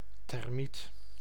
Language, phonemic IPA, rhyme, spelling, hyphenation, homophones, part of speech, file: Dutch, /tɛrˈmit/, -it, termiet, ter‧miet, thermiet, noun, Nl-termiet.ogg
- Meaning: a termite, an ant-like eusocial insect of the infraorder Isoptera